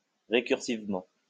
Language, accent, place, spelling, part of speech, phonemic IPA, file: French, France, Lyon, récursivement, adverb, /ʁe.kyʁ.siv.mɑ̃/, LL-Q150 (fra)-récursivement.wav
- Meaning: recursively